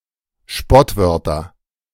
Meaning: nominative/accusative/genitive plural of Spottwort
- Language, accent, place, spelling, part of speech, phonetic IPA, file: German, Germany, Berlin, Spottwörter, noun, [ˈʃpɔtˌvœʁtɐ], De-Spottwörter.ogg